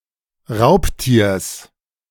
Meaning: genitive singular of Raubtier
- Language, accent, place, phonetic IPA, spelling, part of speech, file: German, Germany, Berlin, [ˈʁaʊ̯ptiːɐ̯s], Raubtiers, noun, De-Raubtiers.ogg